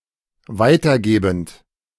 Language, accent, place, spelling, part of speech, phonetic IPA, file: German, Germany, Berlin, weitergebend, verb, [ˈvaɪ̯tɐˌɡeːbn̩t], De-weitergebend.ogg
- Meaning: present participle of weitergeben